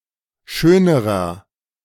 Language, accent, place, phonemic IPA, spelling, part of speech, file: German, Germany, Berlin, /ˈʃøːnəʁɐ/, schönerer, adjective, De-schönerer.ogg
- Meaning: inflection of schön: 1. strong/mixed nominative masculine singular comparative degree 2. strong genitive/dative feminine singular comparative degree 3. strong genitive plural comparative degree